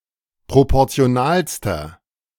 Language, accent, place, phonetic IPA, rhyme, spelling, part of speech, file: German, Germany, Berlin, [ˌpʁopɔʁt͡si̯oˈnaːlstɐ], -aːlstɐ, proportionalster, adjective, De-proportionalster.ogg
- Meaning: inflection of proportional: 1. strong/mixed nominative masculine singular superlative degree 2. strong genitive/dative feminine singular superlative degree 3. strong genitive plural superlative degree